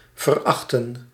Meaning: to scorn, to despise, to abominate
- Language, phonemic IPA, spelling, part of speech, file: Dutch, /vərˈɑxtə(n)/, verachten, verb, Nl-verachten.ogg